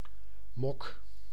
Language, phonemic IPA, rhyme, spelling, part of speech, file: Dutch, /mɔk/, -ɔk, mok, noun / verb, Nl-mok.ogg
- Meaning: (noun) 1. mug, large cup with handle 2. mud fever (infection of a horse’s lower limb); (verb) inflection of mokken: first-person singular present indicative